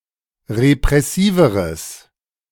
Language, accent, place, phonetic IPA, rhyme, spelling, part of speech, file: German, Germany, Berlin, [ʁepʁɛˈsiːvəʁəs], -iːvəʁəs, repressiveres, adjective, De-repressiveres.ogg
- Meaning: strong/mixed nominative/accusative neuter singular comparative degree of repressiv